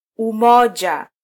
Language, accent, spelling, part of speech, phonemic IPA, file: Swahili, Kenya, umoja, noun, /uˈmɔ.ʄɑ/, Sw-ke-umoja.flac
- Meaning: 1. unity, oneness (the state of being one or undivided) 2. singular 3. harmony 4. alliance, association, union